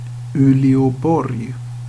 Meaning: Oulu (a city in North Ostrobothnia, Finland)
- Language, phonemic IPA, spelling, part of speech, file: Swedish, /ʉːlɛɔˈbɔrj/, Uleåborg, proper noun, Sv-Uleåborg.ogg